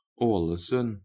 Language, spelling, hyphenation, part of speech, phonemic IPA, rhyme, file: Norwegian Bokmål, Ålesund, Å‧le‧sund, proper noun, /²ɔː.lə.sʉn/, -ɔːləsʉn, Alesund.ogg
- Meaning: Ålesund; a city in Sunnmøre, Møre og Romsdal, Norway, whose continuous urban settlement extends into the neighbouring municipality of Sula